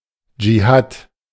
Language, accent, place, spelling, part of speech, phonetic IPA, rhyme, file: German, Germany, Berlin, Djihad, noun, [d͡ʒiˈhaːt], -aːt, De-Djihad.ogg
- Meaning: alternative form of Dschihad